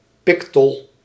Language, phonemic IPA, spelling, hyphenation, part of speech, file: Dutch, /ˈpikɔl/, pikol, pi‧kol, noun, Nl-pikol.ogg
- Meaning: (noun) each of the two loads which hang at each side of a carrying pole, called pikanol, which is fixed over the shoulders on/like a yoke, as used in Indonesia